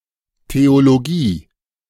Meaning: theology
- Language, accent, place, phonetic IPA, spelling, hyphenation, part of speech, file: German, Germany, Berlin, [teoloˈɡiː], Theologie, Theo‧lo‧gie, noun, De-Theologie.ogg